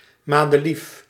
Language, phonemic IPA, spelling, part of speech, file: Dutch, /ˌmadəˈlifjə/, madeliefje, noun, Nl-madeliefje.ogg
- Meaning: diminutive of madelief